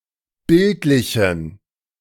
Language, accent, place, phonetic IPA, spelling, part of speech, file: German, Germany, Berlin, [ˈbɪltlɪçn̩], bildlichen, adjective, De-bildlichen.ogg
- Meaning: inflection of bildlich: 1. strong genitive masculine/neuter singular 2. weak/mixed genitive/dative all-gender singular 3. strong/weak/mixed accusative masculine singular 4. strong dative plural